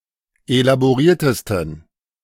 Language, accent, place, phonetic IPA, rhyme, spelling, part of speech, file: German, Germany, Berlin, [elaboˈʁiːɐ̯təstn̩], -iːɐ̯təstn̩, elaboriertesten, adjective, De-elaboriertesten.ogg
- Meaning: 1. superlative degree of elaboriert 2. inflection of elaboriert: strong genitive masculine/neuter singular superlative degree